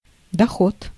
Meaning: income, revenue (net gain before subtracting the loss)
- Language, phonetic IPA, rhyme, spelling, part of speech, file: Russian, [dɐˈxot], -ot, доход, noun, Ru-доход.ogg